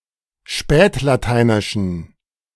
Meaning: inflection of spätlateinisch: 1. strong genitive masculine/neuter singular 2. weak/mixed genitive/dative all-gender singular 3. strong/weak/mixed accusative masculine singular 4. strong dative plural
- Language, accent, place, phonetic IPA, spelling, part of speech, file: German, Germany, Berlin, [ˈʃpɛːtlaˌtaɪ̯nɪʃn̩], spätlateinischen, adjective, De-spätlateinischen.ogg